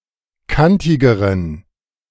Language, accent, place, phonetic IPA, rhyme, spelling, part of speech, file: German, Germany, Berlin, [ˈkantɪɡəʁən], -antɪɡəʁən, kantigeren, adjective, De-kantigeren.ogg
- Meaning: inflection of kantig: 1. strong genitive masculine/neuter singular comparative degree 2. weak/mixed genitive/dative all-gender singular comparative degree